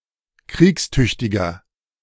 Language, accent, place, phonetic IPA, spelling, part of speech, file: German, Germany, Berlin, [ˈkʁiːksˌtʏçtɪɡɐ], kriegstüchtiger, adjective, De-kriegstüchtiger.ogg
- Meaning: 1. comparative degree of kriegstüchtig 2. inflection of kriegstüchtig: strong/mixed nominative masculine singular 3. inflection of kriegstüchtig: strong genitive/dative feminine singular